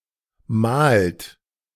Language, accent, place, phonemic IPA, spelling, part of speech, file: German, Germany, Berlin, /maːlt/, malt, verb, De-malt.ogg
- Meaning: inflection of malen: 1. third-person singular present 2. second-person plural present 3. plural imperative